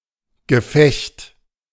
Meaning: 1. combat, action, enemy contact 2. fight, encounter, a skirmish or a segment of a battle
- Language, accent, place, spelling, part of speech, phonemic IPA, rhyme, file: German, Germany, Berlin, Gefecht, noun, /ɡəˈfɛçt/, -ɛçt, De-Gefecht.ogg